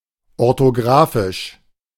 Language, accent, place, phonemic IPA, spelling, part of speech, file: German, Germany, Berlin, /ɔʁtoˈɡʁaːfɪʃ/, orthografisch, adjective, De-orthografisch.ogg
- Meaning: orthographic